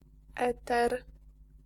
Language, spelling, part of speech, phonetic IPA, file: Polish, eter, noun, [ˈɛtɛr], Pl-eter.ogg